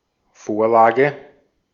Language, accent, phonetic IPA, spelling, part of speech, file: German, Austria, [ˈfoːɐ̯ˌlaːɡə], Vorlage, noun, De-at-Vorlage.ogg